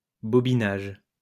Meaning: winding onto a bobbin
- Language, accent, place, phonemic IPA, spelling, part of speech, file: French, France, Lyon, /bɔ.bi.naʒ/, bobinage, noun, LL-Q150 (fra)-bobinage.wav